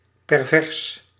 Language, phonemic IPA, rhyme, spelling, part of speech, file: Dutch, /pɛrˈvɛrs/, -ɛrs, pervers, adjective, Nl-pervers.ogg
- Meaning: perverse